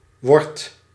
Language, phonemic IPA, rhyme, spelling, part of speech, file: Dutch, /ʋɔrt/, -ɔrt, wordt, verb, Nl-wordt.ogg
- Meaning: inflection of worden: 1. second/third-person singular present indicative 2. plural imperative